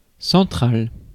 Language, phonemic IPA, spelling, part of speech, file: French, /sɑ̃.tʁal/, central, adjective, Fr-central.ogg
- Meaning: central